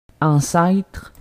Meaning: 1. ancestor, forebear, forefather 2. precursor, forerunner 3. old geezer, old fart
- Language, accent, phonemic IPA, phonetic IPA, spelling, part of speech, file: French, Quebec, /ɑ̃.sɛtʁ/, [ɑ̃sae̯tʁ̥], ancêtre, noun, Qc-ancêtre.ogg